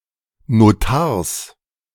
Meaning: genitive singular of Notar
- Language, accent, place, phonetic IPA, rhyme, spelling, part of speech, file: German, Germany, Berlin, [noˈtaːɐ̯s], -aːɐ̯s, Notars, noun, De-Notars.ogg